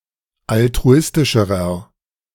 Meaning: inflection of altruistisch: 1. strong/mixed nominative masculine singular comparative degree 2. strong genitive/dative feminine singular comparative degree 3. strong genitive plural comparative degree
- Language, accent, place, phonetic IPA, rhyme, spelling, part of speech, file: German, Germany, Berlin, [altʁuˈɪstɪʃəʁɐ], -ɪstɪʃəʁɐ, altruistischerer, adjective, De-altruistischerer.ogg